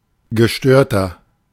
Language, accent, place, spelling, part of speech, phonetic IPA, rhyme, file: German, Germany, Berlin, gestörter, adjective, [ɡəˈʃtøːɐ̯tɐ], -øːɐ̯tɐ, De-gestörter.ogg
- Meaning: 1. comparative degree of gestört 2. inflection of gestört: strong/mixed nominative masculine singular 3. inflection of gestört: strong genitive/dative feminine singular